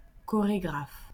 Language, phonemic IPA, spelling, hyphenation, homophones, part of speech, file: French, /kɔ.ʁe.ɡʁaf/, chorégraphe, cho‧ré‧graphe, chorégraphes, noun, LL-Q150 (fra)-chorégraphe.wav
- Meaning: choreographer